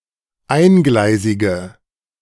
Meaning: inflection of eingleisig: 1. strong/mixed nominative/accusative feminine singular 2. strong nominative/accusative plural 3. weak nominative all-gender singular
- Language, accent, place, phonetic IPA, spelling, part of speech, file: German, Germany, Berlin, [ˈaɪ̯nˌɡlaɪ̯zɪɡə], eingleisige, adjective, De-eingleisige.ogg